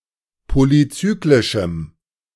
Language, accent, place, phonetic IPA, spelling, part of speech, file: German, Germany, Berlin, [ˌpolyˈt͡syːklɪʃm̩], polyzyklischem, adjective, De-polyzyklischem.ogg
- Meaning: strong dative masculine/neuter singular of polyzyklisch